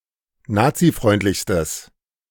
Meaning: strong/mixed nominative/accusative neuter singular superlative degree of nazifreundlich
- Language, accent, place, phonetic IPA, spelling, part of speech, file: German, Germany, Berlin, [ˈnaːt͡siˌfʁɔɪ̯ntlɪçstəs], nazifreundlichstes, adjective, De-nazifreundlichstes.ogg